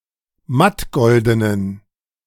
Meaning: inflection of mattgolden: 1. strong genitive masculine/neuter singular 2. weak/mixed genitive/dative all-gender singular 3. strong/weak/mixed accusative masculine singular 4. strong dative plural
- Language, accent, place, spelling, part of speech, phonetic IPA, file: German, Germany, Berlin, mattgoldenen, adjective, [ˈmatˌɡɔldənən], De-mattgoldenen.ogg